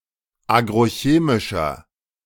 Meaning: inflection of agrochemisch: 1. strong/mixed nominative masculine singular 2. strong genitive/dative feminine singular 3. strong genitive plural
- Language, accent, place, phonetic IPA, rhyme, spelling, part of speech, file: German, Germany, Berlin, [ˌaːɡʁoˈçeːmɪʃɐ], -eːmɪʃɐ, agrochemischer, adjective, De-agrochemischer.ogg